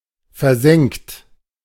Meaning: 1. past participle of versenken 2. inflection of versenken: second-person plural present 3. inflection of versenken: third-person singular present 4. inflection of versenken: plural imperative
- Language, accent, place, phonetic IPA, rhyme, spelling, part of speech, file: German, Germany, Berlin, [fɛɐ̯ˈzɛŋkt], -ɛŋkt, versenkt, verb, De-versenkt.ogg